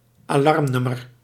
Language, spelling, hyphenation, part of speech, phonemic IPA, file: Dutch, alarmnummer, alarm‧num‧mer, noun, /aːˈlɑrmˌnʏ.mər/, Nl-alarmnummer.ogg
- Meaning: emergency number